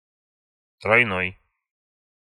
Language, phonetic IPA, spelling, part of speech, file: Russian, [trɐjˈnoj], тройной, adjective, Ru-тройной.ogg
- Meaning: triple, threefold, treble